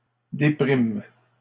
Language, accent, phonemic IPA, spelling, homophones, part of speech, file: French, Canada, /de.pʁim/, dépriment, déprime / déprimes, verb, LL-Q150 (fra)-dépriment.wav
- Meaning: third-person plural present indicative/subjunctive of déprimer